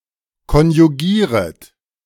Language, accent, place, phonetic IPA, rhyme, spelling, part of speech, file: German, Germany, Berlin, [kɔnjuˈɡiːʁət], -iːʁət, konjugieret, verb, De-konjugieret.ogg
- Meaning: second-person plural subjunctive I of konjugieren